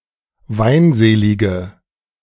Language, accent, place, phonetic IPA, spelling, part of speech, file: German, Germany, Berlin, [ˈvaɪ̯nˌzeːlɪɡə], weinselige, adjective, De-weinselige.ogg
- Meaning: inflection of weinselig: 1. strong/mixed nominative/accusative feminine singular 2. strong nominative/accusative plural 3. weak nominative all-gender singular